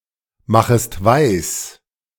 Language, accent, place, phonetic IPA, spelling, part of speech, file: German, Germany, Berlin, [ˌmaxəst ˈvaɪ̯s], machest weis, verb, De-machest weis.ogg
- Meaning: second-person singular subjunctive I of weismachen